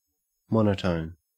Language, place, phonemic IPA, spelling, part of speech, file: English, Queensland, /ˈmɔn.ə.təʉn/, monotone, adjective / noun / verb, En-au-monotone.ogg
- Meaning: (adjective) 1. Having a single unvaried pitch 2. Of a function: that is always nonincreasing or nondecreasing on an interval 3. Synonym of monochrome